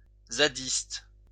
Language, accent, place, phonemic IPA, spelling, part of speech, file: French, France, Lyon, /za.dist/, zadiste, noun / adjective, LL-Q150 (fra)-zadiste.wav
- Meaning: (noun) member of a ZAD (zone à défendre); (adjective) relating to zadisme